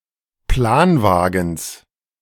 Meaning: genitive singular of Planwagen
- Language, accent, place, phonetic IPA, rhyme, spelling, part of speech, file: German, Germany, Berlin, [ˈplaːnˌvaːɡn̩s], -aːnvaːɡn̩s, Planwagens, noun, De-Planwagens.ogg